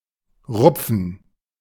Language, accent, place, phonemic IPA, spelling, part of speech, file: German, Germany, Berlin, /ˈʁʊpfən/, rupfen, verb, De-rupfen.ogg
- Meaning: to pluck; to tear off; to rip; to rip off